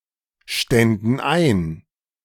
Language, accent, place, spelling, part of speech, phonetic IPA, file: German, Germany, Berlin, ständen ein, verb, [ˌʃtɛndn̩ ˈaɪ̯n], De-ständen ein.ogg
- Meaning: first/third-person plural subjunctive II of einstehen